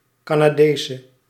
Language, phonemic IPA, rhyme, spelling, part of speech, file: Dutch, /ˌkaː.naːˈdeː.sə/, -eːsə, Canadese, adjective / noun, Nl-Canadese.ogg
- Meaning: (adjective) inflection of Canadees: 1. masculine/feminine singular attributive 2. definite neuter singular attributive 3. plural attributive; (noun) Canadian (female inhabitant of Canada)